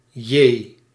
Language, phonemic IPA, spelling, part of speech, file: Dutch, /jeː/, J, character, Nl-J.ogg
- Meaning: the tenth letter of the Dutch alphabet